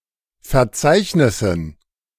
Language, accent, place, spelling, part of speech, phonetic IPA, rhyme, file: German, Germany, Berlin, Verzeichnissen, noun, [fɛɐ̯ˈt͡saɪ̯çnɪsn̩], -aɪ̯çnɪsn̩, De-Verzeichnissen.ogg
- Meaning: dative plural of Verzeichnis